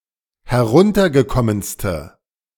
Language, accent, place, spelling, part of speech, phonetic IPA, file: German, Germany, Berlin, heruntergekommenste, adjective, [hɛˈʁʊntɐɡəˌkɔmənstə], De-heruntergekommenste.ogg
- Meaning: inflection of heruntergekommen: 1. strong/mixed nominative/accusative feminine singular superlative degree 2. strong nominative/accusative plural superlative degree